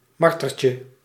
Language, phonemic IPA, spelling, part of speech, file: Dutch, /ˈmɑrtərcə/, martertje, noun, Nl-martertje.ogg
- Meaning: diminutive of marter